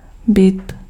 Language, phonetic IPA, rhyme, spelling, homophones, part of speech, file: Czech, [ˈbɪt], -ɪt, bit, byt, noun / verb, Cs-bit.ogg
- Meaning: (noun) bit; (verb) masculine singular passive participle of bít